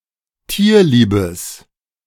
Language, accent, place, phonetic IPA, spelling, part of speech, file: German, Germany, Berlin, [ˈtiːɐ̯ˌliːbəs], tierliebes, adjective, De-tierliebes.ogg
- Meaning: strong/mixed nominative/accusative neuter singular of tierlieb